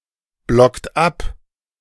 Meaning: inflection of abblocken: 1. third-person singular present 2. second-person plural present 3. plural imperative
- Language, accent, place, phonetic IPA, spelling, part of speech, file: German, Germany, Berlin, [ˌblɔkt ˈap], blockt ab, verb, De-blockt ab.ogg